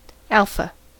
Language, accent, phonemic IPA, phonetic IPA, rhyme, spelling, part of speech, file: English, US, /ˈæl.fə/, [ˈæɫ.fə], -ælfə, alpha, noun / adjective, En-us-alpha.ogg
- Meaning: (noun) 1. The name of the first letter of the Greek alphabet (Α, α), followed by beta. In the Latin alphabet it is the predecessor to A 2. Latin alpha: the Latin letter Ɑ (minuscule: ɑ)